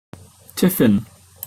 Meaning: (noun) 1. A (light) midday meal or snack; luncheon 2. A box or container used to carry a tiffin
- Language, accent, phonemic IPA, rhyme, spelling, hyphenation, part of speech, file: English, Received Pronunciation, /ˈtɪf.ɪn/, -ɪfɪn, tiffin, tif‧fin, noun / verb, En-uk-tiffin.opus